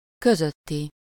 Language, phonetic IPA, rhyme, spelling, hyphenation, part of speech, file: Hungarian, [ˈkøzøtːi], -ti, közötti, kö‧zöt‧ti, adjective, Hu-közötti.ogg
- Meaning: between